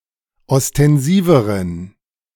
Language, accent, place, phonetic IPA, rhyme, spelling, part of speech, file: German, Germany, Berlin, [ɔstɛnˈziːvəʁən], -iːvəʁən, ostensiveren, adjective, De-ostensiveren.ogg
- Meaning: inflection of ostensiv: 1. strong genitive masculine/neuter singular comparative degree 2. weak/mixed genitive/dative all-gender singular comparative degree